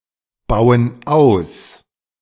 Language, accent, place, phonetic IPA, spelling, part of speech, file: German, Germany, Berlin, [ˌbaʊ̯ən ˈaʊ̯s], bauen aus, verb, De-bauen aus.ogg
- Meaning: inflection of ausbauen: 1. first/third-person plural present 2. first/third-person plural subjunctive I